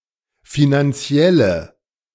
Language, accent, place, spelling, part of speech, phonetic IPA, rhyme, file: German, Germany, Berlin, finanzielle, adjective, [ˌfinanˈt͡si̯ɛlə], -ɛlə, De-finanzielle.ogg
- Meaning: inflection of finanziell: 1. strong/mixed nominative/accusative feminine singular 2. strong nominative/accusative plural 3. weak nominative all-gender singular